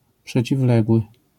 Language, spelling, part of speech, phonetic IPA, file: Polish, przeciwległy, adjective, [ˌpʃɛt͡ɕivˈlɛɡwɨ], LL-Q809 (pol)-przeciwległy.wav